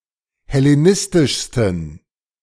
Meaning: 1. superlative degree of hellenistisch 2. inflection of hellenistisch: strong genitive masculine/neuter singular superlative degree
- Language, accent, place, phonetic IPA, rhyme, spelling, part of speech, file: German, Germany, Berlin, [hɛleˈnɪstɪʃstn̩], -ɪstɪʃstn̩, hellenistischsten, adjective, De-hellenistischsten.ogg